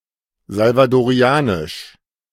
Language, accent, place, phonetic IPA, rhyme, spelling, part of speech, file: German, Germany, Berlin, [zalvadoˈʁi̯aːnɪʃ], -aːnɪʃ, salvadorianisch, adjective, De-salvadorianisch.ogg
- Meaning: Salvadoran